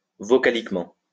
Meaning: vocalically (with regard to vowels
- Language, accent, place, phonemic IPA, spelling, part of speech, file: French, France, Lyon, /vɔ.ka.lik.mɑ̃/, vocaliquement, adverb, LL-Q150 (fra)-vocaliquement.wav